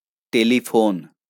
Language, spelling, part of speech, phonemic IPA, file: Bengali, টেলিফোন, noun, /ʈe.li.pʰon/, LL-Q9610 (ben)-টেলিফোন.wav
- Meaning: telephone